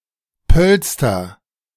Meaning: nominative/accusative/genitive plural of Polster
- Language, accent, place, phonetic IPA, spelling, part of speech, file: German, Germany, Berlin, [ˈpœlstɐ], Pölster, noun, De-Pölster.ogg